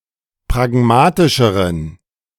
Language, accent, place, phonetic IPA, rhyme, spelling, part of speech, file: German, Germany, Berlin, [pʁaˈɡmaːtɪʃəʁən], -aːtɪʃəʁən, pragmatischeren, adjective, De-pragmatischeren.ogg
- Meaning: inflection of pragmatisch: 1. strong genitive masculine/neuter singular comparative degree 2. weak/mixed genitive/dative all-gender singular comparative degree